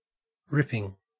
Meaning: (verb) present participle and gerund of rip; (adjective) 1. That rips, or can be removed by ripping 2. Excellent
- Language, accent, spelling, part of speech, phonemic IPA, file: English, Australia, ripping, verb / adjective / noun, /ˈɹɪpɪŋ/, En-au-ripping.ogg